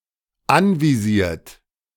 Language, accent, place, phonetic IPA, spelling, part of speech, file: German, Germany, Berlin, [ˈanviˌziːɐ̯t], anvisiert, verb, De-anvisiert.ogg
- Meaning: 1. past participle of anvisieren 2. inflection of anvisieren: third-person singular dependent present 3. inflection of anvisieren: second-person plural dependent present